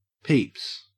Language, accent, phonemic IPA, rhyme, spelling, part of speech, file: English, Australia, /piːps/, -iːps, peeps, noun / verb, En-au-peeps.ogg
- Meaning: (noun) plural of peep; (verb) third-person singular simple present indicative of peep; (noun) Alternative form of people; often especially (with personal pronoun) one's friends or associates